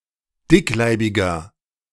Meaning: 1. comparative degree of dickleibig 2. inflection of dickleibig: strong/mixed nominative masculine singular 3. inflection of dickleibig: strong genitive/dative feminine singular
- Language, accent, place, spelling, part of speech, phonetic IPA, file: German, Germany, Berlin, dickleibiger, adjective, [ˈdɪkˌlaɪ̯bɪɡɐ], De-dickleibiger.ogg